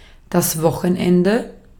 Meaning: weekend (break in the working week, usually Saturday and Sunday)
- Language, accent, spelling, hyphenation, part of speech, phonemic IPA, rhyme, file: German, Austria, Wochenende, Wo‧chen‧en‧de, noun, /ˈvɔxənˌɛndə/, -ɛndə, De-at-Wochenende.ogg